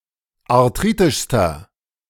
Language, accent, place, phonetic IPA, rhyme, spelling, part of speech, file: German, Germany, Berlin, [aʁˈtʁiːtɪʃstɐ], -iːtɪʃstɐ, arthritischster, adjective, De-arthritischster.ogg
- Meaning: inflection of arthritisch: 1. strong/mixed nominative masculine singular superlative degree 2. strong genitive/dative feminine singular superlative degree 3. strong genitive plural superlative degree